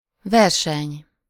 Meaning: 1. race, contest, competition 2. synonym of versenymű (“concerto”)
- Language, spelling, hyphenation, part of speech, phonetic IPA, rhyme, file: Hungarian, verseny, ver‧seny, noun, [ˈvɛrʃɛɲ], -ɛɲ, Hu-verseny.ogg